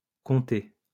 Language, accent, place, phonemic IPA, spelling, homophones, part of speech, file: French, France, Lyon, /kɔ̃.te/, compté, comté, verb, LL-Q150 (fra)-compté.wav
- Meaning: past participle of compter